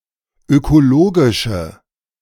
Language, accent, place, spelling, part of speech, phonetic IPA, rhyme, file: German, Germany, Berlin, ökologische, adjective, [økoˈloːɡɪʃə], -oːɡɪʃə, De-ökologische.ogg
- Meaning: inflection of ökologisch: 1. strong/mixed nominative/accusative feminine singular 2. strong nominative/accusative plural 3. weak nominative all-gender singular